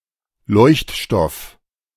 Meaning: phosphor (luminescent of fluorescent material)
- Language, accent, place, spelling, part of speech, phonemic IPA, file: German, Germany, Berlin, Leuchtstoff, noun, /ˈlɔɪ̯çtˌʃtɔf/, De-Leuchtstoff.ogg